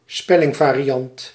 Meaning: a variant spelling
- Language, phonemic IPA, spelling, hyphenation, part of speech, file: Dutch, /ˈspɛ.lɪŋ.vaː.riˌɑnt/, spellingvariant, spel‧ling‧va‧ri‧ant, noun, Nl-spellingvariant.ogg